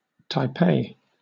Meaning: 1. The capital city of and a special municipality of Taiwan, located in the northern part of the island of Taiwan 2. A former county of Taiwan, which became New Taipei City
- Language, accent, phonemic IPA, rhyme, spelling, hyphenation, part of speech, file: English, Southern England, /taɪˈpeɪ/, -eɪ, Taipei, Tai‧pei, proper noun, LL-Q1860 (eng)-Taipei.wav